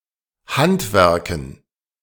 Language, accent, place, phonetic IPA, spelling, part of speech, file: German, Germany, Berlin, [ˈhantˌvɛʁkn̩], Handwerken, noun, De-Handwerken.ogg
- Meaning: dative plural of Handwerk